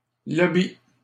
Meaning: 1. lobby (hall) 2. lobby (advocacy group)
- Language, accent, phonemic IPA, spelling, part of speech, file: French, Canada, /lɔ.bi/, lobby, noun, LL-Q150 (fra)-lobby.wav